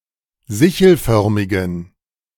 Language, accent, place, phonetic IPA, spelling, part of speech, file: German, Germany, Berlin, [ˈzɪçl̩ˌfœʁmɪɡn̩], sichelförmigen, adjective, De-sichelförmigen.ogg
- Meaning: inflection of sichelförmig: 1. strong genitive masculine/neuter singular 2. weak/mixed genitive/dative all-gender singular 3. strong/weak/mixed accusative masculine singular 4. strong dative plural